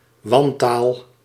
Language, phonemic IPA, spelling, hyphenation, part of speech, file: Dutch, /ˈʋɑn.taːl/, wantaal, wan‧taal, noun, Nl-wantaal.ogg
- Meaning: 1. any use of language considered substandard 2. insulting, offensive or vulgar language